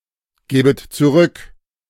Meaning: second-person plural subjunctive II of zurückgeben
- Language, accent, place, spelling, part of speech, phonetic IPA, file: German, Germany, Berlin, gäbet zurück, verb, [ˌɡɛːbət t͡suˈʁʏk], De-gäbet zurück.ogg